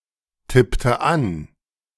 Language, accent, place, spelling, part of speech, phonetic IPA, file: German, Germany, Berlin, tippte an, verb, [ˌtɪptə ˈan], De-tippte an.ogg
- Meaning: inflection of antippen: 1. first/third-person singular preterite 2. first/third-person singular subjunctive II